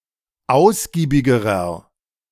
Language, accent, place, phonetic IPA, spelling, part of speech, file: German, Germany, Berlin, [ˈaʊ̯sɡiːbɪɡəʁɐ], ausgiebigerer, adjective, De-ausgiebigerer.ogg
- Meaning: inflection of ausgiebig: 1. strong/mixed nominative masculine singular comparative degree 2. strong genitive/dative feminine singular comparative degree 3. strong genitive plural comparative degree